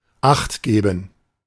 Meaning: alternative spelling of achtgeben
- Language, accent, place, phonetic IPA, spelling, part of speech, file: German, Germany, Berlin, [ˈaxt ˌɡeːbn̩], Acht geben, phrase, De-Acht geben.ogg